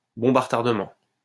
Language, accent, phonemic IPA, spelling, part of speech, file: French, France, /bɔ̃b a ʁ(ə).taʁ.də.mɑ̃/, bombe à retardement, noun, LL-Q150 (fra)-bombe à retardement.wav
- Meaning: 1. time bomb (bomb that has a mechanism such that detonation can be preset to a particular time) 2. time bomb (situation that threatens to have disastrous consequences at some future time)